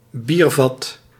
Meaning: beer barrel
- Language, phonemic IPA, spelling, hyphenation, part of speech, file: Dutch, /ˈbir.vɑt/, biervat, bier‧vat, noun, Nl-biervat.ogg